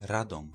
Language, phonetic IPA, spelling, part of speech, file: Polish, [ˈradɔ̃m], Radom, proper noun, Pl-Radom.ogg